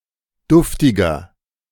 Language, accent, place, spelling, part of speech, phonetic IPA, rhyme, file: German, Germany, Berlin, duftiger, adjective, [ˈdʊftɪɡɐ], -ʊftɪɡɐ, De-duftiger.ogg
- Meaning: 1. comparative degree of duftig 2. inflection of duftig: strong/mixed nominative masculine singular 3. inflection of duftig: strong genitive/dative feminine singular